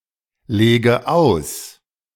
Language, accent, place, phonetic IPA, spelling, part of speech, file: German, Germany, Berlin, [ˌleːɡə ˈaʊ̯s], lege aus, verb, De-lege aus.ogg
- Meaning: inflection of auslegen: 1. first-person singular present 2. first/third-person singular subjunctive I 3. singular imperative